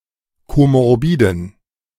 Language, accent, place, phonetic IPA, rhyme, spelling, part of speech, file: German, Germany, Berlin, [ˌkomɔʁˈbiːdn̩], -iːdn̩, komorbiden, adjective, De-komorbiden.ogg
- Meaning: inflection of komorbid: 1. strong genitive masculine/neuter singular 2. weak/mixed genitive/dative all-gender singular 3. strong/weak/mixed accusative masculine singular 4. strong dative plural